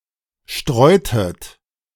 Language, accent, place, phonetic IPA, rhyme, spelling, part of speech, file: German, Germany, Berlin, [ˈʃtʁɔɪ̯tət], -ɔɪ̯tət, streutet, verb, De-streutet.ogg
- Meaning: inflection of streuen: 1. second-person plural preterite 2. second-person plural subjunctive II